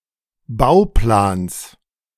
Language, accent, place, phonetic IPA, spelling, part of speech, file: German, Germany, Berlin, [ˈbaʊ̯ˌplaːns], Bauplans, noun, De-Bauplans.ogg
- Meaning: genitive of Bauplan